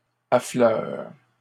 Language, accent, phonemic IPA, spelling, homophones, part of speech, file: French, Canada, /a.flœʁ/, affleures, affleure / affleurent, verb, LL-Q150 (fra)-affleures.wav
- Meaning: second-person singular present indicative/subjunctive of affleurer